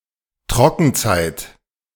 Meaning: dry season
- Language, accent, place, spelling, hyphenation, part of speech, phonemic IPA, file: German, Germany, Berlin, Trockenzeit, Tro‧cken‧zeit, noun, /ˈtʁɔkn̩ˌt͡saɪ̯t/, De-Trockenzeit.ogg